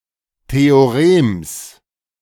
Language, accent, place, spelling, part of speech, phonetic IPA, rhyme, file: German, Germany, Berlin, Theorems, noun, [ˌteoˈʁeːms], -eːms, De-Theorems.ogg
- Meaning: genitive singular of Theorem